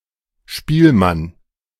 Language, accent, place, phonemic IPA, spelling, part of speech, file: German, Germany, Berlin, /ˈʃpiːlman/, Spielmann, noun / proper noun, De-Spielmann.ogg
- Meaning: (noun) 1. a wayfaring singer, musician, or other entertainer; a minstrel 2. a member of a marching band; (proper noun) a surname originating as an occupation